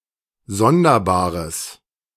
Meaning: strong/mixed nominative/accusative neuter singular of sonderbar
- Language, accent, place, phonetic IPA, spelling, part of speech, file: German, Germany, Berlin, [ˈzɔndɐˌbaːʁəs], sonderbares, adjective, De-sonderbares.ogg